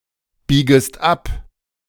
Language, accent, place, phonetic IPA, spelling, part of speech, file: German, Germany, Berlin, [ˌbiːɡəst ˈap], biegest ab, verb, De-biegest ab.ogg
- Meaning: second-person singular subjunctive I of abbiegen